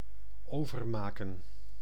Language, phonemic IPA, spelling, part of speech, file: Dutch, /ˈovərˌmakə(n)/, overmaken, verb, Nl-overmaken.ogg
- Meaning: 1. to make over 2. to transfer (e.g. an amount from one bank to another)